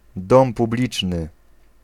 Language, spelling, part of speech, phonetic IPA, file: Polish, dom publiczny, noun, [ˈdɔ̃m puˈblʲit͡ʃnɨ], Pl-dom publiczny.ogg